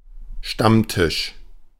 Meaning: 1. regulars' table, stammtisch 2. a group of people gathering at such a table
- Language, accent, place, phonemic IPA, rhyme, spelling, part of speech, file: German, Germany, Berlin, /ˈʃtamˌtɪʃ/, -ɪʃ, Stammtisch, noun, De-Stammtisch.ogg